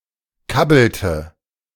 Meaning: inflection of kabbeln: 1. first/third-person singular preterite 2. first/third-person singular subjunctive II
- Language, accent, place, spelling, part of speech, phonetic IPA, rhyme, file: German, Germany, Berlin, kabbelte, verb, [ˈkabl̩tə], -abl̩tə, De-kabbelte.ogg